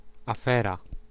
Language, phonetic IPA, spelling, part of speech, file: Polish, [aˈfɛra], afera, noun, Pl-afera.ogg